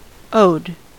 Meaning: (verb) simple past and past participle of owe; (adjective) That owes
- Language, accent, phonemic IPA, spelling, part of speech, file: English, US, /oʊd/, owed, verb / adjective, En-us-owed.ogg